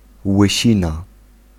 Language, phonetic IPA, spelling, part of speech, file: Polish, [wɨˈɕĩna], łysina, noun, Pl-łysina.ogg